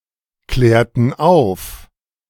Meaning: inflection of aufklären: 1. first/third-person plural preterite 2. first/third-person plural subjunctive II
- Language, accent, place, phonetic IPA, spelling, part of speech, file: German, Germany, Berlin, [ˌklɛːɐ̯tn̩ ˈaʊ̯f], klärten auf, verb, De-klärten auf.ogg